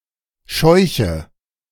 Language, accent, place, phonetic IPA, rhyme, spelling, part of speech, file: German, Germany, Berlin, [ˈʃɔɪ̯çə], -ɔɪ̯çə, scheuche, verb, De-scheuche.ogg
- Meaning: inflection of scheuchen: 1. first-person singular present 2. first/third-person singular subjunctive I 3. singular imperative